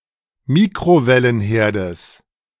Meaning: genitive of Mikrowellenherd
- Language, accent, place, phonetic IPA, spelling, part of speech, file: German, Germany, Berlin, [ˈmiːkʁovɛlənˌheːɐ̯dəs], Mikrowellenherdes, noun, De-Mikrowellenherdes.ogg